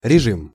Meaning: 1. regime (mode of rule or management) 2. routine 3. conditions, rate 4. mode (of operation, e.g. standby mode)
- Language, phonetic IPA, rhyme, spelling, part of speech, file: Russian, [rʲɪˈʐɨm], -ɨm, режим, noun, Ru-режим.ogg